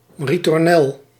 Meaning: ritornello
- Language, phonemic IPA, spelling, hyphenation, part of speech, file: Dutch, /ˌri.tɔrˈnɛl/, ritornel, ri‧tor‧nel, noun, Nl-ritornel.ogg